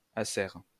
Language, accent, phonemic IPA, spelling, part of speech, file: French, France, /a.sɛʁ/, acère, verb / adjective, LL-Q150 (fra)-acère.wav
- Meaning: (verb) inflection of acérer: 1. first/third-person singular present indicative/subjunctive 2. second-person singular imperative; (adjective) hornless